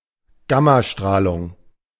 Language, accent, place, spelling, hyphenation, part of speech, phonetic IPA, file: German, Germany, Berlin, Gammastrahlung, Gam‧ma‧strah‧lung, noun, [ˈbeːtaˌʃtʁaːlʊŋ], De-Gammastrahlung.ogg
- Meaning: gamma radiation